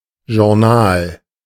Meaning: 1. magazine (non-academic publication, usually heavily illustrated) 2. an evening TV programme which summarises and discusses the news of the day 3. journal, diary, daybook
- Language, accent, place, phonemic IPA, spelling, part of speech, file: German, Germany, Berlin, /ʒʊrˈnaːl/, Journal, noun, De-Journal.ogg